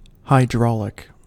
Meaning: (adjective) 1. Pertaining to water 2. Related to, or operated by, hydraulics 3. Able to set underwater; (verb) To mine using the technique of hydraulic mining
- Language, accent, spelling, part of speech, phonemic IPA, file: English, US, hydraulic, adjective / verb, /haɪˈdɹɔːlɪk/, En-us-hydraulic.ogg